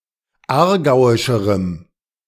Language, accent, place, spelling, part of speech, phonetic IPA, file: German, Germany, Berlin, aargauischerem, adjective, [ˈaːɐ̯ˌɡaʊ̯ɪʃəʁəm], De-aargauischerem.ogg
- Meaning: strong dative masculine/neuter singular comparative degree of aargauisch